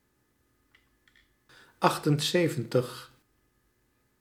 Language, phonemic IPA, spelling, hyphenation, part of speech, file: Dutch, /ˈɑxtənˌzeːvə(n)təx/, achtenzeventig, acht‧en‧ze‧ven‧tig, numeral, Nl-achtenzeventig.ogg
- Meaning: seventy-eight